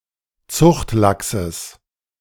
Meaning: genitive singular of Zuchtlachs
- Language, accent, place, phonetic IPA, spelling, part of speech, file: German, Germany, Berlin, [ˈt͡sʊxtˌlaksəs], Zuchtlachses, noun, De-Zuchtlachses.ogg